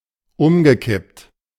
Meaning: past participle of umkippen
- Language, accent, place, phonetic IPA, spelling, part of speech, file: German, Germany, Berlin, [ˈʊmɡəˌkɪpt], umgekippt, verb, De-umgekippt.ogg